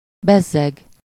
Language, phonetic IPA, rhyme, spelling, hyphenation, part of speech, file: Hungarian, [ˈbɛzːɛɡ], -ɛɡ, bezzeg, bez‧zeg, adverb, Hu-bezzeg.ogg